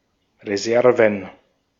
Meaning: plural of Reserve
- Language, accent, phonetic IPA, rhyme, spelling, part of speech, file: German, Austria, [ʁeˈzɛʁvn̩], -ɛʁvn̩, Reserven, noun, De-at-Reserven.ogg